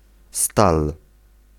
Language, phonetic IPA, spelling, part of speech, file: Polish, [stal], stal, noun, Pl-stal.ogg